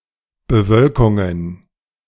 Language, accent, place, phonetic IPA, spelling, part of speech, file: German, Germany, Berlin, [bəˈvœlkʊŋən], Bewölkungen, noun, De-Bewölkungen.ogg
- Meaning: plural of Bewölkung